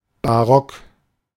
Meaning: 1. Baroque style 2. Baroque (period)
- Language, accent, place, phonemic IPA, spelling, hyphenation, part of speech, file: German, Germany, Berlin, /baˈrɔk/, Barock, Ba‧rock, noun, De-Barock.ogg